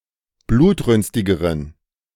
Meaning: inflection of blutrünstig: 1. strong genitive masculine/neuter singular comparative degree 2. weak/mixed genitive/dative all-gender singular comparative degree
- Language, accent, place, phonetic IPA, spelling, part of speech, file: German, Germany, Berlin, [ˈbluːtˌʁʏnstɪɡəʁən], blutrünstigeren, adjective, De-blutrünstigeren.ogg